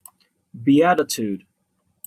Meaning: 1. Supreme, utmost bliss and happiness 2. Any of the Biblical blessings given by Jesus in Matthew 5:3–12. E.g.: "Blessed are the meek for they shall inherit the earth" (Matthew 5:5)
- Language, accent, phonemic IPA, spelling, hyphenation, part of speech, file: English, General American, /biˈætɪtud/, beatitude, be‧a‧ti‧tude, noun, En-us-beatitude.opus